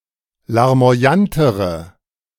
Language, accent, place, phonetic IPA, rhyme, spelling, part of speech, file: German, Germany, Berlin, [laʁmo̯aˈjantəʁə], -antəʁə, larmoyantere, adjective, De-larmoyantere.ogg
- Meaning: inflection of larmoyant: 1. strong/mixed nominative/accusative feminine singular comparative degree 2. strong nominative/accusative plural comparative degree